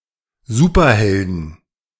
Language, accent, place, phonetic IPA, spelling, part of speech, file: German, Germany, Berlin, [ˈzuːpɐˌhɛldn̩], Superhelden, noun, De-Superhelden.ogg
- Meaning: plural of Superheld